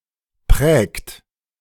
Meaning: inflection of prägen: 1. third-person singular present 2. second-person plural present 3. plural imperative
- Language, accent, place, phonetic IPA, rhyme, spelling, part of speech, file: German, Germany, Berlin, [pʁɛːkt], -ɛːkt, prägt, verb, De-prägt.ogg